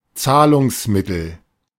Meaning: means of payment, payment method
- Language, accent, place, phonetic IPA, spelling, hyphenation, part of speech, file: German, Germany, Berlin, [ˈt͡saːlʊŋsˌmɪtl̩], Zahlungsmittel, Zah‧lungs‧mit‧tel, noun, De-Zahlungsmittel.ogg